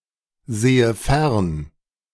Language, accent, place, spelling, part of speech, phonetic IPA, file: German, Germany, Berlin, sehe fern, verb, [ˌzeːə ˈfɛʁn], De-sehe fern.ogg
- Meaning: inflection of fernsehen: 1. first-person singular present 2. first/third-person singular subjunctive I